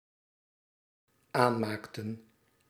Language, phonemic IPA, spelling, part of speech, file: Dutch, /ˈanmaktə(n)/, aanmaakten, verb, Nl-aanmaakten.ogg
- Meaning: inflection of aanmaken: 1. plural dependent-clause past indicative 2. plural dependent-clause past subjunctive